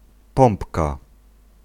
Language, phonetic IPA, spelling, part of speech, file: Polish, [ˈpɔ̃mpka], pompka, noun, Pl-pompka.ogg